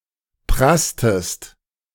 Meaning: inflection of prassen: 1. second-person singular preterite 2. second-person singular subjunctive II
- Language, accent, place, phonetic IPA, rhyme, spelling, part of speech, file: German, Germany, Berlin, [ˈpʁastəst], -astəst, prasstest, verb, De-prasstest.ogg